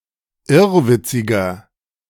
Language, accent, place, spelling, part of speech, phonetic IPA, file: German, Germany, Berlin, irrwitziger, adjective, [ˈɪʁvɪt͡sɪɡɐ], De-irrwitziger.ogg
- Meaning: 1. comparative degree of irrwitzig 2. inflection of irrwitzig: strong/mixed nominative masculine singular 3. inflection of irrwitzig: strong genitive/dative feminine singular